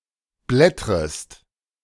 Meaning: second-person singular subjunctive I of blättern
- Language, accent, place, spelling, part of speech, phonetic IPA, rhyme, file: German, Germany, Berlin, blättrest, verb, [ˈblɛtʁəst], -ɛtʁəst, De-blättrest.ogg